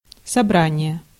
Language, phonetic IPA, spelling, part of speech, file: Russian, [sɐˈbranʲɪje], собрание, noun, Ru-собрание.ogg
- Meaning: 1. meeting, gathering 2. assembly 3. collection, set 4. collected works